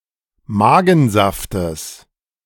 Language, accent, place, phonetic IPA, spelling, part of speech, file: German, Germany, Berlin, [ˈmaːɡn̩ˌzaftəs], Magensaftes, noun, De-Magensaftes.ogg
- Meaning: genitive singular of Magensaft